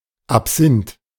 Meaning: absinth (liquor)
- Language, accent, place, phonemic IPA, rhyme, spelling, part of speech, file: German, Germany, Berlin, /apˈzɪnt/, -ɪnt, Absinth, noun, De-Absinth.ogg